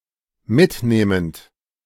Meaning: present participle of mitnehmen
- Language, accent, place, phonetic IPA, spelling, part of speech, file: German, Germany, Berlin, [ˈmɪtˌneːmənt], mitnehmend, verb, De-mitnehmend.ogg